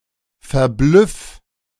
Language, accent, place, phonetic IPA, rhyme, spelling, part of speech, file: German, Germany, Berlin, [fɛɐ̯ˈblʏf], -ʏf, verblüff, verb, De-verblüff.ogg
- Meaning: 1. singular imperative of verblüffen 2. first-person singular present of verblüffen